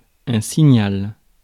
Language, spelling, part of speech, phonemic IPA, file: French, signal, noun, /si.ɲal/, Fr-signal.ogg
- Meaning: signal